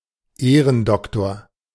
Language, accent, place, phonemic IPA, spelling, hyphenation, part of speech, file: German, Germany, Berlin, /ˈeːʁənˌdɔktoːɐ̯/, Ehrendoktor, Eh‧ren‧dok‧tor, noun, De-Ehrendoktor.ogg
- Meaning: honorary doctor